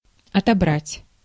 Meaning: 1. to choose, to select, to single out 2. to take away, to strip (of)
- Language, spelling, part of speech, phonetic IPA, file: Russian, отобрать, verb, [ɐtɐˈbratʲ], Ru-отобрать.ogg